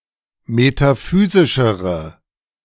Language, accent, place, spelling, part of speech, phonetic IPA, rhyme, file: German, Germany, Berlin, metaphysischere, adjective, [metaˈfyːzɪʃəʁə], -yːzɪʃəʁə, De-metaphysischere.ogg
- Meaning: inflection of metaphysisch: 1. strong/mixed nominative/accusative feminine singular comparative degree 2. strong nominative/accusative plural comparative degree